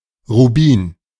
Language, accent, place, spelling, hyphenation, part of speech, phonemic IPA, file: German, Germany, Berlin, Rubin, Ru‧bin, noun, /ʁuˈbiːn/, De-Rubin.ogg
- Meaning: ruby (gem)